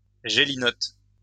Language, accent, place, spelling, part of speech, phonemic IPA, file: French, France, Lyon, gélinotte, noun, /ʒe.li.nɔt/, LL-Q150 (fra)-gélinotte.wav
- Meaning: grouse (one of a number species of grouse)